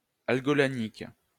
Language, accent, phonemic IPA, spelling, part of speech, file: French, France, /al.ɡɔ.la.ɲik/, algolagnique, adjective, LL-Q150 (fra)-algolagnique.wav
- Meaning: algolagnic